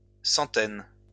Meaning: plural of centaine
- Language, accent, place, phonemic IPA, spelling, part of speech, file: French, France, Lyon, /sɑ̃.tɛn/, centaines, noun, LL-Q150 (fra)-centaines.wav